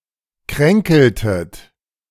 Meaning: inflection of kränkeln: 1. second-person plural preterite 2. second-person plural subjunctive II
- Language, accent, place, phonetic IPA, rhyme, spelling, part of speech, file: German, Germany, Berlin, [ˈkʁɛŋkl̩tət], -ɛŋkl̩tət, kränkeltet, verb, De-kränkeltet.ogg